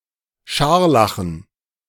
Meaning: having scarlet fever
- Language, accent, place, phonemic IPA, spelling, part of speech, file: German, Germany, Berlin, /ˈʃaʁlaχn̩/, scharlachen, adjective, De-scharlachen.ogg